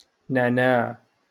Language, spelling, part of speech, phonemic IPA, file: Moroccan Arabic, نعناع, noun, /naʕ.naːʕ/, LL-Q56426 (ary)-نعناع.wav
- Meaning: mint